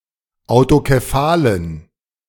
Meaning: inflection of autokephal: 1. strong genitive masculine/neuter singular 2. weak/mixed genitive/dative all-gender singular 3. strong/weak/mixed accusative masculine singular 4. strong dative plural
- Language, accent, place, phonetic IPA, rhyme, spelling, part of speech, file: German, Germany, Berlin, [aʊ̯tokeˈfaːlən], -aːlən, autokephalen, adjective, De-autokephalen.ogg